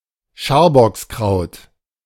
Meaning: lesser celandine (a European perennial herb, Ficaria verna, formerly Ranunculus ficaria)
- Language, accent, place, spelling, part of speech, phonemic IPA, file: German, Germany, Berlin, Scharbockskraut, noun, /ˈʃaːrbɔksˌkraʊ̯t/, De-Scharbockskraut.ogg